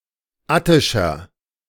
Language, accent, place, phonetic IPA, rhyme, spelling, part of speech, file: German, Germany, Berlin, [ˈatɪʃɐ], -atɪʃɐ, attischer, adjective, De-attischer.ogg
- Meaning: inflection of attisch: 1. strong/mixed nominative masculine singular 2. strong genitive/dative feminine singular 3. strong genitive plural